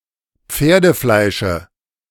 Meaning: dative of Pferdefleisch
- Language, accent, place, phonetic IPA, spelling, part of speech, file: German, Germany, Berlin, [ˈp͡feːɐ̯dəˌflaɪ̯ʃə], Pferdefleische, noun, De-Pferdefleische.ogg